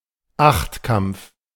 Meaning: octathlon
- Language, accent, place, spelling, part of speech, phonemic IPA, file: German, Germany, Berlin, Achtkampf, noun, /ˈaxtˌkamp͡f/, De-Achtkampf.ogg